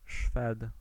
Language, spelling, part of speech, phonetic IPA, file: Polish, Szwed, noun, [ʃfɛt], Pl-Szwed.ogg